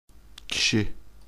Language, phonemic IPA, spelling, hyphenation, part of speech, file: Turkish, /ciˈʃi/, kişi, ki‧şi, noun, Tr-kişi.ogg
- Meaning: person, human being